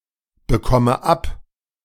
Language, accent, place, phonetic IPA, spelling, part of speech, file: German, Germany, Berlin, [bəˌkɔmə ˈap], bekomme ab, verb, De-bekomme ab.ogg
- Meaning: inflection of abbekommen: 1. first-person singular present 2. first/third-person singular subjunctive I 3. singular imperative